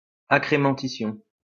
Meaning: accrementition
- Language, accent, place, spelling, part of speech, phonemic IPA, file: French, France, Lyon, accrémentition, noun, /a.kʁe.mɑ̃.ti.sjɔ̃/, LL-Q150 (fra)-accrémentition.wav